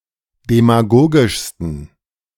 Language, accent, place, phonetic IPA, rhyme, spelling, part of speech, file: German, Germany, Berlin, [demaˈɡoːɡɪʃstn̩], -oːɡɪʃstn̩, demagogischsten, adjective, De-demagogischsten.ogg
- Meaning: 1. superlative degree of demagogisch 2. inflection of demagogisch: strong genitive masculine/neuter singular superlative degree